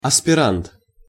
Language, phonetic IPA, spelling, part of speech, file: Russian, [ɐspʲɪˈrant], аспирант, noun, Ru-аспирант.ogg
- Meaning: postgraduate, graduate student (a person continuing to study after completing a degree)